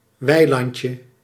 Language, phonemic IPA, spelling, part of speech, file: Dutch, /ˈwɛilɑɲcə/, weilandje, noun, Nl-weilandje.ogg
- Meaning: diminutive of weiland